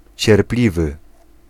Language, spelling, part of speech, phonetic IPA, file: Polish, cierpliwy, adjective, [t͡ɕɛrˈplʲivɨ], Pl-cierpliwy.ogg